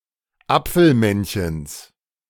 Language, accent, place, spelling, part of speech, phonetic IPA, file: German, Germany, Berlin, Apfelmännchens, noun, [ˈap͡fl̩ˌmɛnçəns], De-Apfelmännchens.ogg
- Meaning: genitive singular of Apfelmännchen